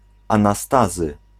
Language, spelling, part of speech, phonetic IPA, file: Polish, Anastazy, proper noun, [ˌãnaˈstazɨ], Pl-Anastazy.ogg